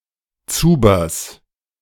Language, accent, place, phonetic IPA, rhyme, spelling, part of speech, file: German, Germany, Berlin, [ˈt͡suːbɐs], -uːbɐs, Zubers, noun, De-Zubers.ogg
- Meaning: genitive singular of Zuber